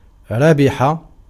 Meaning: to win, to gain; to profit
- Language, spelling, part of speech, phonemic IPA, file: Arabic, ربح, verb, /ra.bi.ħa/, Ar-ربح.ogg